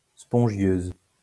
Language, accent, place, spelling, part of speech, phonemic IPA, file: French, France, Lyon, spongieuse, adjective, /spɔ̃.ʒjøz/, LL-Q150 (fra)-spongieuse.wav
- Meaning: feminine singular of spongieux